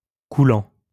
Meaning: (adjective) 1. flowing 2. fluid; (noun) 1. loop 2. napkin ring; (verb) present participle of couler
- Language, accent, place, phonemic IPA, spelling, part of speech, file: French, France, Lyon, /ku.lɑ̃/, coulant, adjective / noun / verb, LL-Q150 (fra)-coulant.wav